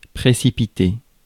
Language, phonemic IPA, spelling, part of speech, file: French, /pʁe.si.pi.te/, précipiter, verb, Fr-précipiter.ogg
- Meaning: 1. to throw out, push out, chuck out, throw off, push off, chuck off 2. to throw oneself out, to jump out 3. to take down, to bring down 4. to rush (hasten, do something too fast) 5. to precipitate